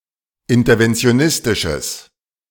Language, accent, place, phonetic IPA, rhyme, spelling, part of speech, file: German, Germany, Berlin, [ˌɪntɐvɛnt͡si̯oˈnɪstɪʃəs], -ɪstɪʃəs, interventionistisches, adjective, De-interventionistisches.ogg
- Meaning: strong/mixed nominative/accusative neuter singular of interventionistisch